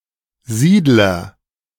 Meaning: settler (someone who settles in a new location)
- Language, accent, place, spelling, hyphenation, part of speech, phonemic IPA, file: German, Germany, Berlin, Siedler, Sied‧ler, noun, /ˈziːdlər/, De-Siedler.ogg